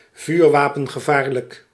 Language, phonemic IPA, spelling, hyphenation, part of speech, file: Dutch, /ˌvyːr.ʋaː.pən.ɣəˈvaːr.lək/, vuurwapengevaarlijk, vuur‧wa‧pen‧ge‧vaar‧lijk, adjective, Nl-vuurwapengevaarlijk.ogg
- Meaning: likely to use a firearm, armed and dangerous, trigger-happy